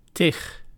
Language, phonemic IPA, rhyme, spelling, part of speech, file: Dutch, /tɪx/, -ɪx, tig, determiner, Nl-tig.ogg
- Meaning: tens, dozens, lots, umpteen